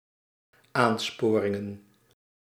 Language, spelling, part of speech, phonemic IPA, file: Dutch, aansporingen, noun, /ˈansporɪŋə(n)/, Nl-aansporingen.ogg
- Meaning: plural of aansporing